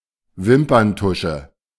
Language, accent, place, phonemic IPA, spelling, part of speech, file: German, Germany, Berlin, /ˈvɪmpərnˌtʊʃə/, Wimperntusche, noun, De-Wimperntusche.ogg
- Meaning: mascara